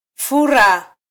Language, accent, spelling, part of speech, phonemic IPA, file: Swahili, Kenya, fura, verb, /ˈfu.ɾɑ/, Sw-ke-fura.flac
- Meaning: to swell